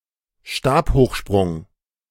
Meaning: pole vault
- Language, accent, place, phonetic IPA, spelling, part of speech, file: German, Germany, Berlin, [ˈʃtaːphoːxˌʃpʁʊŋ], Stabhochsprung, noun, De-Stabhochsprung.ogg